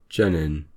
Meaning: The steroid-related portion of some types of glycosides
- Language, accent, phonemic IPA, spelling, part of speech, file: English, UK, /ˈd͡ʒɛ.nɪn/, genin, noun, En-uk-genin.ogg